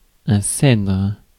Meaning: cedar (Cedrus)
- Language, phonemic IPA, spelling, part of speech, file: French, /sɛdʁ/, cèdre, noun, Fr-cèdre.ogg